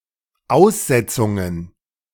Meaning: plural of Aussetzung
- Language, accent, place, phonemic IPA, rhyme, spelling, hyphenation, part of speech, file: German, Germany, Berlin, /ˈaʊ̯sˌzɛt͡sʊŋən/, -ɛt͡sʊŋən, Aussetzungen, Aus‧set‧zun‧gen, noun, De-Aussetzungen.ogg